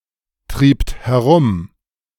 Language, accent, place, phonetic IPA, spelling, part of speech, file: German, Germany, Berlin, [ˌtʁiːpt hɛˈʁʊm], triebt herum, verb, De-triebt herum.ogg
- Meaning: second-person plural preterite of herumtreiben